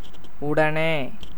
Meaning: 1. immediately 2. simultaneously
- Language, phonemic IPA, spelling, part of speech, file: Tamil, /ʊɖɐneː/, உடனே, adverb, Ta-உடனே.ogg